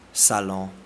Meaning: 1. living room 2. salon 3. show (exhibition of items), exhibition (large-scale public showing of objects or products)
- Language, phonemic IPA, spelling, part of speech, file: French, /sa.lɔ̃/, salon, noun, Fr-us-salon.ogg